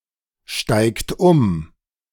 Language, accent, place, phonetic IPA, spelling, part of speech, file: German, Germany, Berlin, [ˌʃtaɪ̯kt ˈʊm], steigt um, verb, De-steigt um.ogg
- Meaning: inflection of umsteigen: 1. third-person singular present 2. second-person plural present 3. plural imperative